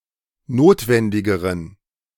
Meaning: inflection of notwendig: 1. strong genitive masculine/neuter singular comparative degree 2. weak/mixed genitive/dative all-gender singular comparative degree
- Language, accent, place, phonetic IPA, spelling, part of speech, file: German, Germany, Berlin, [ˈnoːtvɛndɪɡəʁən], notwendigeren, adjective, De-notwendigeren.ogg